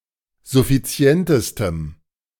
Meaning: strong dative masculine/neuter singular superlative degree of suffizient
- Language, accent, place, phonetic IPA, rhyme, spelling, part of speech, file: German, Germany, Berlin, [zʊfiˈt͡si̯ɛntəstəm], -ɛntəstəm, suffizientestem, adjective, De-suffizientestem.ogg